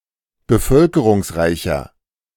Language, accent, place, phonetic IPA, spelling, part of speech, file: German, Germany, Berlin, [bəˈfœlkəʁʊŋsˌʁaɪ̯çɐ], bevölkerungsreicher, adjective, De-bevölkerungsreicher.ogg
- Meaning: 1. comparative degree of bevölkerungsreich 2. inflection of bevölkerungsreich: strong/mixed nominative masculine singular 3. inflection of bevölkerungsreich: strong genitive/dative feminine singular